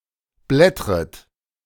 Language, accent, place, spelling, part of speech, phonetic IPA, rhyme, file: German, Germany, Berlin, blättret, verb, [ˈblɛtʁət], -ɛtʁət, De-blättret.ogg
- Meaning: second-person plural subjunctive I of blättern